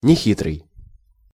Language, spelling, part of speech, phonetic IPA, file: Russian, нехитрый, adjective, [nʲɪˈxʲitrɨj], Ru-нехитрый.ogg
- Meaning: 1. unsophisticated, artless, guileless, simple-minded (of a person) 2. simple, unsophisticated